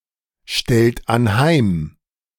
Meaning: inflection of anheimstellen: 1. second-person plural present 2. third-person singular present 3. plural imperative
- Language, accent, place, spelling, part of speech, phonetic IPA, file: German, Germany, Berlin, stellt anheim, verb, [ˌʃtɛlt anˈhaɪ̯m], De-stellt anheim.ogg